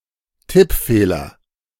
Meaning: typo, typographical error (specifically in typed text, not penned)
- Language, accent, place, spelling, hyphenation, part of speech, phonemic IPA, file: German, Germany, Berlin, Tippfehler, Tipp‧feh‧ler, noun, /ˈtɪpˌfeːlɐ/, De-Tippfehler.ogg